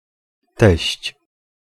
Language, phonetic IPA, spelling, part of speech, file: Polish, [tɛɕt͡ɕ], teść, noun, Pl-teść.ogg